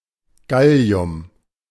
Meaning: gallium
- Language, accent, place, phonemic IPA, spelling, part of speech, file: German, Germany, Berlin, /ˈɡali̯ʊm/, Gallium, noun, De-Gallium.ogg